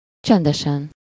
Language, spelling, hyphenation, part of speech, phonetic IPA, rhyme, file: Hungarian, csendesen, csen‧de‧sen, adverb / adjective, [ˈt͡ʃɛndɛʃɛn], -ɛn, Hu-csendesen.ogg
- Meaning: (adverb) silently, quietly; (adjective) superessive singular of csendes